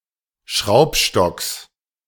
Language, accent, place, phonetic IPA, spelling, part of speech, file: German, Germany, Berlin, [ˈʃʁaʊ̯pˌʃtɔks], Schraubstocks, noun, De-Schraubstocks.ogg
- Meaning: genitive singular of Schraubstock